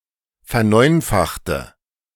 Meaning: inflection of verneunfachen: 1. first/third-person singular preterite 2. first/third-person singular subjunctive II
- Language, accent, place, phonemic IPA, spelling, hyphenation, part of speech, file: German, Germany, Berlin, /fɛɐ̯ˈnɔɪ̯nfaxtə/, verneunfachte, ver‧neun‧fach‧te, verb, De-verneunfachte.ogg